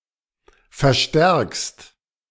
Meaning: second-person singular present of verstärken
- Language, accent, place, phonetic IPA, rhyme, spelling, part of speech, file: German, Germany, Berlin, [fɛɐ̯ˈʃtɛʁkst], -ɛʁkst, verstärkst, verb, De-verstärkst.ogg